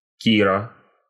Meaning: a female given name, Kira
- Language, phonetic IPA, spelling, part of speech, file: Russian, [ˈkʲirə], Кира, proper noun, Ru-Кира.ogg